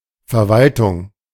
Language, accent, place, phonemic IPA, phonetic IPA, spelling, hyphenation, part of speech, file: German, Germany, Berlin, /fɛʁˈvaltʊŋ/, [fɛɐ̯ˈvaltʰʊŋ], Verwaltung, Ver‧wal‧tung, noun, De-Verwaltung.ogg
- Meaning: administration, management, administering, managing